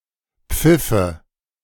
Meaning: first/third-person singular subjunctive II of pfeifen
- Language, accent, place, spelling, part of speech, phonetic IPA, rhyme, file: German, Germany, Berlin, pfiffe, verb, [ˈp͡fɪfə], -ɪfə, De-pfiffe.ogg